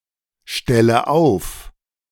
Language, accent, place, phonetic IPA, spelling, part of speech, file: German, Germany, Berlin, [ˌʃtɛlə ˈaʊ̯f], stelle auf, verb, De-stelle auf.ogg
- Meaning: inflection of aufstellen: 1. first-person singular present 2. first/third-person singular subjunctive I 3. singular imperative